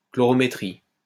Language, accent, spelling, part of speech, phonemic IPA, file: French, France, chlorométrie, noun, /klɔ.ʁɔ.me.tʁi/, LL-Q150 (fra)-chlorométrie.wav
- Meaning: chlorometry